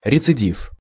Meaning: 1. relapse 2. repeated commission (of an offence) 3. recurrence
- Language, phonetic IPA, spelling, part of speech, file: Russian, [rʲɪt͡sɨˈdʲif], рецидив, noun, Ru-рецидив.ogg